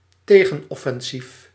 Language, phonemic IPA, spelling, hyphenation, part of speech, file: Dutch, /ˈteː.ɣə(n).ɔ.fɛnˌsif/, tegenoffensief, te‧gen‧of‧fen‧sief, noun, Nl-tegenoffensief.ogg
- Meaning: a counter-offensive